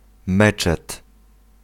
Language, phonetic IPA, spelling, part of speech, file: Polish, [ˈmɛt͡ʃɛt], meczet, noun, Pl-meczet.ogg